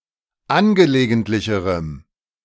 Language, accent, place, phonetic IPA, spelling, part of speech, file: German, Germany, Berlin, [ˈanɡəleːɡəntlɪçəʁəm], angelegentlicherem, adjective, De-angelegentlicherem.ogg
- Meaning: strong dative masculine/neuter singular comparative degree of angelegentlich